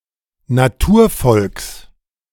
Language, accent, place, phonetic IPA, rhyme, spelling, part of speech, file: German, Germany, Berlin, [naˈtuːɐ̯ˌfɔlks], -uːɐ̯fɔlks, Naturvolks, noun, De-Naturvolks.ogg
- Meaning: genitive singular of Naturvolk